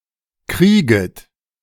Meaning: second-person plural subjunctive I of kriegen
- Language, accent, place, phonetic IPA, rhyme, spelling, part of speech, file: German, Germany, Berlin, [ˈkʁiːɡət], -iːɡət, krieget, verb, De-krieget.ogg